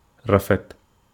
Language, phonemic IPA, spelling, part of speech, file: Wolof, /ˈrafɛt/, rafet, verb, Wo-rafet.ogg
- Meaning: pretty